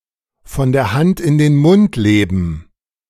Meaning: to live paycheck to paycheck, hand-to-mouth
- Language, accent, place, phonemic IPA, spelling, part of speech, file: German, Germany, Berlin, /fɔn der ˈhant ɪn den ˈmʊnt ˈleːbən/, von der Hand in den Mund leben, verb, De-von der Hand in den Mund leben.ogg